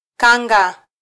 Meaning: 1. kanga (garment) 2. guinea fowl
- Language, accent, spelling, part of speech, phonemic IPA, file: Swahili, Kenya, kanga, noun, /ˈkɑ.ᵑɡɑ/, Sw-ke-kanga.flac